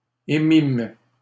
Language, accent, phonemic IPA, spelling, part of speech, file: French, Canada, /e.mim/, émîmes, verb, LL-Q150 (fra)-émîmes.wav
- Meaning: first-person plural past historic of émettre